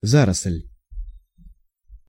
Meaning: undergrowth, brushwood, thicket
- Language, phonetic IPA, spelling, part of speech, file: Russian, [ˈzarəs⁽ʲ⁾lʲ], заросль, noun, Ru-заросль.ogg